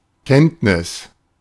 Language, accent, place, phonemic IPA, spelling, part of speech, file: German, Germany, Berlin, /ˈkɛntnɪs/, Kenntnis, noun, De-Kenntnis.ogg
- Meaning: 1. knowledge 2. skills 3. awareness 4. science (knowledge gained through study or practice)